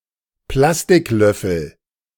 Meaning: plastic spoon
- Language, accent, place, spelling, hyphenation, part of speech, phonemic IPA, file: German, Germany, Berlin, Plastiklöffel, Plas‧tik‧löf‧fel, noun, /ˈplastɪkˌlœfl̩/, De-Plastiklöffel.ogg